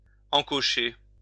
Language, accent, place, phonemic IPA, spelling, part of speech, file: French, France, Lyon, /ɑ̃.kɔ.ʃe/, encocher, verb, LL-Q150 (fra)-encocher.wav
- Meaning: 1. to notch, put a notch in 2. to nock (an arrow)